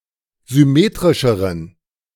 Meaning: inflection of symmetrisch: 1. strong genitive masculine/neuter singular comparative degree 2. weak/mixed genitive/dative all-gender singular comparative degree
- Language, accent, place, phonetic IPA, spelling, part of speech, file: German, Germany, Berlin, [zʏˈmeːtʁɪʃəʁən], symmetrischeren, adjective, De-symmetrischeren.ogg